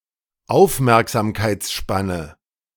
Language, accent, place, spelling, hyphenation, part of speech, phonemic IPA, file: German, Germany, Berlin, Aufmerksamkeitsspanne, Auf‧merk‧sam‧keits‧span‧ne, noun, /ˈaʊ̯fmɛʁkzaːmkaɪ̯t͡sˌʃpanə/, De-Aufmerksamkeitsspanne.ogg
- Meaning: attention span